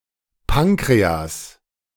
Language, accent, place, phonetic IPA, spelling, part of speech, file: German, Germany, Berlin, [ˈpankʁeas], Pankreas, noun, De-Pankreas.ogg
- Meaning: pancreas